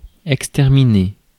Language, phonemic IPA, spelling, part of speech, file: French, /ɛk.stɛʁ.mi.ne/, exterminer, verb, Fr-exterminer.ogg
- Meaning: to exterminate